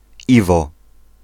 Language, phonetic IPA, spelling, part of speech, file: Polish, [ˈivɔ], Iwo, proper noun / noun, Pl-Iwo.ogg